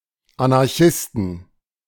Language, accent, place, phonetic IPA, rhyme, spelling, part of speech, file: German, Germany, Berlin, [anaʁˈçɪstn̩], -ɪstn̩, Anarchisten, noun, De-Anarchisten.ogg
- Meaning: inflection of Anarchist: 1. genitive/dative/accusative singular 2. nominative/genitive/dative/accusative plural